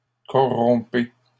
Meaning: inflection of corrompre: 1. second-person plural present indicative 2. second-person plural imperative
- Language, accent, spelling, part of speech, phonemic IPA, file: French, Canada, corrompez, verb, /kɔ.ʁɔ̃.pe/, LL-Q150 (fra)-corrompez.wav